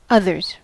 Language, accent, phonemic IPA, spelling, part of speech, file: English, General American, /ˈʌðɚz/, others, noun / verb, En-us-others.ogg
- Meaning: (noun) 1. plural of other 2. Other people 3. Those remaining after one or more people or items have left, or done something else, or been excluded